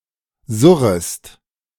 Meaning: second-person singular subjunctive I of surren
- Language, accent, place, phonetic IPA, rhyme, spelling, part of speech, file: German, Germany, Berlin, [ˈzʊʁəst], -ʊʁəst, surrest, verb, De-surrest.ogg